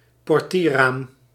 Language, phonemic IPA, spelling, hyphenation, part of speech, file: Dutch, /pɔrˈtiːrˌraːm/, portierraam, por‧tier‧raam, noun, Nl-portierraam.ogg
- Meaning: a window of a car door